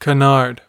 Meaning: 1. A false or misleading report or story, especially if deliberately so 2. A type of aircraft in which the primary horizontal control and stabilization surfaces are in front of the main wing
- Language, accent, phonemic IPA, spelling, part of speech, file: English, US, /kəˈnɑɹd/, canard, noun, En-us-canard.ogg